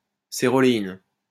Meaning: cerolein
- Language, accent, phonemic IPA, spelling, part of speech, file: French, France, /se.ʁɔ.le.in/, céroléine, noun, LL-Q150 (fra)-céroléine.wav